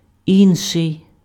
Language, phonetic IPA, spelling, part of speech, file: Ukrainian, [ˈinʃei̯], інший, adjective, Uk-інший.ogg
- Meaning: other, another, the other